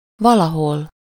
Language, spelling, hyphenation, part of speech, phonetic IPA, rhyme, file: Hungarian, valahol, va‧la‧hol, adverb, [ˈvɒlɒɦol], -ol, Hu-valahol.ogg
- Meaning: somewhere